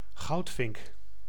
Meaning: 1. bullfinch (Pyrrhula pyrrhula) 2. burnished-buff tanager (Tangara cayana) 3. A military officer of a branch or sub-branch that uses brass or yellow ("gold") rank insignia
- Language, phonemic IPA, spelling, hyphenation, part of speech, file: Dutch, /ˈɣɑu̯t.fɪŋk/, goudvink, goud‧vink, noun, Nl-goudvink.ogg